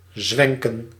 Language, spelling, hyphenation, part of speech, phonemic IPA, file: Dutch, zwenken, zwen‧ken, verb, /ˈzʋɛŋ.kə(n)/, Nl-zwenken.ogg
- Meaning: 1. to sway, swing 2. to wave, waver